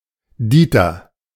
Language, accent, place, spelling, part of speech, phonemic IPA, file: German, Germany, Berlin, Dieter, proper noun, /ˈdiːtɐ/, De-Dieter.ogg
- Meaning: 1. a male given name from Old High German 2. a diminutive of the male given name Dietrich